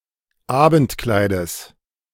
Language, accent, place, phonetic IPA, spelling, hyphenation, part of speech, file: German, Germany, Berlin, [ˈaːbn̩tˌklaɪ̯dəs], Abendkleides, Abend‧klei‧des, noun, De-Abendkleides.ogg
- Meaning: genitive singular of Abendkleid